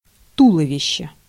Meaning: torso, trunk, body (not including the limbs or head)
- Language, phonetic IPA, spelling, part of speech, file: Russian, [ˈtuɫəvʲɪɕːe], туловище, noun, Ru-туловище.ogg